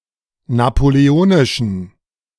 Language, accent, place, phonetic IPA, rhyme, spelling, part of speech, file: German, Germany, Berlin, [napoleˈoːnɪʃn̩], -oːnɪʃn̩, napoleonischen, adjective, De-napoleonischen.ogg
- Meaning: inflection of napoleonisch: 1. strong genitive masculine/neuter singular 2. weak/mixed genitive/dative all-gender singular 3. strong/weak/mixed accusative masculine singular 4. strong dative plural